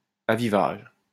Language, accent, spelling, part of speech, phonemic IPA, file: French, France, avivage, noun, /a.vi.vaʒ/, LL-Q150 (fra)-avivage.wav
- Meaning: brightening (act or process of making brighter)